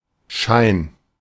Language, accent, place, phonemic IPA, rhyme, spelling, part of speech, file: German, Germany, Berlin, /ʃaɪ̯n/, -aɪ̯n, Schein, noun, De-Schein.ogg
- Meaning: 1. shine, gleam, flash 2. semblance, appearance 3. certificate, ticket, bill, note: ellipsis of Geldschein: banknote